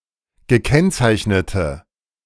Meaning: inflection of gekennzeichnet: 1. strong/mixed nominative/accusative feminine singular 2. strong nominative/accusative plural 3. weak nominative all-gender singular
- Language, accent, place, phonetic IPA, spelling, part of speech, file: German, Germany, Berlin, [ɡəˈkɛnt͡saɪ̯çnətə], gekennzeichnete, adjective, De-gekennzeichnete.ogg